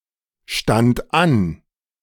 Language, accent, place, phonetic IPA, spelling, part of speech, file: German, Germany, Berlin, [ˌʃtant ˈan], stand an, verb, De-stand an.ogg
- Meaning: first/third-person singular preterite of anstehen